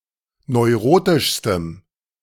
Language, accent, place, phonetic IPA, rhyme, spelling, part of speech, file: German, Germany, Berlin, [nɔɪ̯ˈʁoːtɪʃstəm], -oːtɪʃstəm, neurotischstem, adjective, De-neurotischstem.ogg
- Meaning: strong dative masculine/neuter singular superlative degree of neurotisch